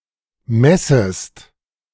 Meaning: second-person singular subjunctive I of messen
- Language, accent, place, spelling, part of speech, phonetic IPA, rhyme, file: German, Germany, Berlin, messest, verb, [ˈmɛsəst], -ɛsəst, De-messest.ogg